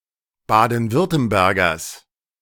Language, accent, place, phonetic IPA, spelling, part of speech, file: German, Germany, Berlin, [ˈbaːdn̩ˈvʏʁtəmbɛʁɡɐs], Baden-Württembergers, noun, De-Baden-Württembergers.ogg
- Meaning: genitive of Baden-Württemberger